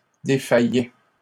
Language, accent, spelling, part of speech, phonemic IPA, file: French, Canada, défaillais, verb, /de.fa.jɛ/, LL-Q150 (fra)-défaillais.wav
- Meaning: first/second-person singular imperfect indicative of défaillir